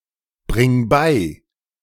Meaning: singular imperative of beibringen
- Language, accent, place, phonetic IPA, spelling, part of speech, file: German, Germany, Berlin, [ˌbʁɪŋ ˈbaɪ̯], bring bei, verb, De-bring bei.ogg